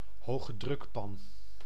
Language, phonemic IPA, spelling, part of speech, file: Dutch, /ɦoːɣəˈdrʏkpɑn/, hogedrukpan, noun, Nl-hogedrukpan.ogg
- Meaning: pressure cooker